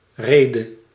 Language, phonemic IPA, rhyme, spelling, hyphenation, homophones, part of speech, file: Dutch, /ˈreː.də/, -eːdə, rede, re‧de, reden, noun / verb, Nl-rede.ogg
- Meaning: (noun) 1. reason (as a concept) 2. address, discourse, speech 3. a place to anchor, anchorage; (verb) 1. singular past subjunctive of rijden 2. singular present subjunctive of reden